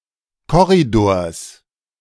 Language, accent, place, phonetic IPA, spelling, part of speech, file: German, Germany, Berlin, [ˈkɔʁidoːɐ̯s], Korridors, noun, De-Korridors.ogg
- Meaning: genitive singular of Korridor